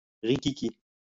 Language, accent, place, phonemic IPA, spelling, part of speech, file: French, France, Lyon, /ʁi.ki.ki/, rikiki, adjective, LL-Q150 (fra)-rikiki.wav
- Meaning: alternative spelling of riquiqui